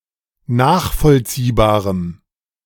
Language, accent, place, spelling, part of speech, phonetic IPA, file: German, Germany, Berlin, nachvollziehbarem, adjective, [ˈnaːxfɔlt͡siːbaːʁəm], De-nachvollziehbarem.ogg
- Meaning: strong dative masculine/neuter singular of nachvollziehbar